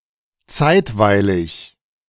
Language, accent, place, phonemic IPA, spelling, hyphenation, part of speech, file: German, Germany, Berlin, /ˈt͡saɪ̯tvaɪ̯lɪç/, zeitweilig, zeit‧wei‧lig, adjective, De-zeitweilig.ogg
- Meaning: temporary